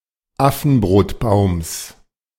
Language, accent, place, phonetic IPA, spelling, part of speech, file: German, Germany, Berlin, [ˈafn̩bʁoːtˌbaʊ̯ms], Affenbrotbaums, noun, De-Affenbrotbaums.ogg
- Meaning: genitive singular of Affenbrotbaum